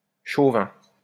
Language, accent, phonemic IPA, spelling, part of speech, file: French, France, /ʃo.vɛ̃/, chauvin, adjective / noun, LL-Q150 (fra)-chauvin.wav
- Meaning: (adjective) jingoist (which demonstrates an excessive patriotism or an eagerness for national superiority)